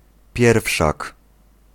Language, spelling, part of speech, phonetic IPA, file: Polish, pierwszak, noun, [ˈpʲjɛrfʃak], Pl-pierwszak.ogg